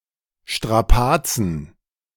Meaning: plural of Strapaze
- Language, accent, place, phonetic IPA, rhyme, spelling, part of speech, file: German, Germany, Berlin, [ʃtʁaˈpaːt͡sn̩], -aːt͡sn̩, Strapazen, noun, De-Strapazen.ogg